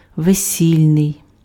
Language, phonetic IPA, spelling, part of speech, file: Ukrainian, [ʋeˈsʲilʲnei̯], весільний, adjective, Uk-весільний.ogg
- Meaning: 1. wedding (attributive), nuptial 2. bridal